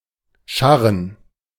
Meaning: to scrape at, to scratch at, to paw at
- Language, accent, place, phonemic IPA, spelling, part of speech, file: German, Germany, Berlin, /ˈʃaʁn̩/, scharren, verb, De-scharren.ogg